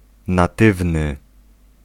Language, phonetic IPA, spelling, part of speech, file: Polish, [naˈtɨvnɨ], natywny, adjective, Pl-natywny.ogg